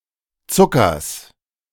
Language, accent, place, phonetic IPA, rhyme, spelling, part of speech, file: German, Germany, Berlin, [ˈt͡sʊkɐs], -ʊkɐs, Zuckers, noun, De-Zuckers.ogg
- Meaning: genitive singular of Zucker